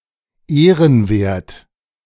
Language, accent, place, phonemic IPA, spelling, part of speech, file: German, Germany, Berlin, /ˈeːʁənˌveːɐ̯t/, ehrenwert, adjective, De-ehrenwert.ogg
- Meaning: 1. honourable 2. reputable